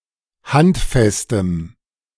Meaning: strong dative masculine/neuter singular of handfest
- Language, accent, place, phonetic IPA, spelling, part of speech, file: German, Germany, Berlin, [ˈhantˌfɛstəm], handfestem, adjective, De-handfestem.ogg